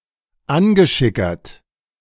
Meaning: tipsy; tiddly; mildly drunk
- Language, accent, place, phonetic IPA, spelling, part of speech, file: German, Germany, Berlin, [ˈanɡəʃɪkɐt], angeschickert, adjective, De-angeschickert.ogg